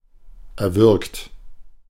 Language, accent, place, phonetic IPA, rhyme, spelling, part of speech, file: German, Germany, Berlin, [ɛɐ̯ˈvʏʁkt], -ʏʁkt, erwürgt, verb, De-erwürgt.ogg
- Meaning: 1. past participle of erwürgen 2. inflection of erwürgen: second-person plural present 3. inflection of erwürgen: third-person singular present 4. inflection of erwürgen: plural imperative